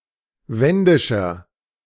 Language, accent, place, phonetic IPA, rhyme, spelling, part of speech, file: German, Germany, Berlin, [ˈvɛndɪʃɐ], -ɛndɪʃɐ, wendischer, adjective, De-wendischer.ogg
- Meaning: inflection of wendisch: 1. strong/mixed nominative masculine singular 2. strong genitive/dative feminine singular 3. strong genitive plural